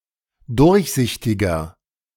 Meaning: inflection of durchsichtig: 1. strong/mixed nominative masculine singular 2. strong genitive/dative feminine singular 3. strong genitive plural
- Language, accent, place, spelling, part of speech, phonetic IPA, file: German, Germany, Berlin, durchsichtiger, adjective, [ˈdʊʁçˌzɪçtɪɡɐ], De-durchsichtiger.ogg